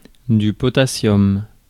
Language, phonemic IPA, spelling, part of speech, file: French, /pɔ.ta.sjɔm/, potassium, noun, Fr-potassium.ogg
- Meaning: potassium